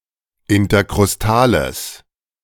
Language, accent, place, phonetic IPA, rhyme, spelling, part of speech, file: German, Germany, Berlin, [ɪntɐkʁʊsˈtaːləs], -aːləs, interkrustales, adjective, De-interkrustales.ogg
- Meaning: strong/mixed nominative/accusative neuter singular of interkrustal